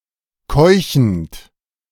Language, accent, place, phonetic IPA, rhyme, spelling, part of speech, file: German, Germany, Berlin, [ˈkɔɪ̯çn̩t], -ɔɪ̯çn̩t, keuchend, verb, De-keuchend.ogg
- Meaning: present participle of keuchen